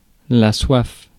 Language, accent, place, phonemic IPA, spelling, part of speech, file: French, France, Paris, /swaf/, soif, noun, Fr-soif.ogg
- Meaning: 1. thirst 2. thirst, desire